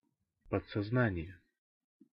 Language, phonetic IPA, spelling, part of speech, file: Russian, [pət͡ssɐzˈnanʲɪje], подсознание, noun, Ru-подсознание.ogg
- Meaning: subconsciousness